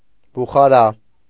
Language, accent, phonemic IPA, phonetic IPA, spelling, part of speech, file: Armenian, Eastern Armenian, /buχɑˈɾɑ/, [buχɑɾɑ́], բուխարա, noun / adjective, Hy-բուխարա.ogg
- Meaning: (noun) 1. Bukharian lambskin, choice lambskin, perhaps identical with the Karakul pelt 2. item made from Bukharian lambskin (especially hats); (adjective) made from Bukharian lambskin